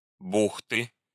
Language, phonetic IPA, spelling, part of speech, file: Russian, [ˈbuxtɨ], бухты, noun, Ru-бухты.ogg
- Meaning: inflection of бу́хта (búxta): 1. genitive singular 2. nominative/accusative plural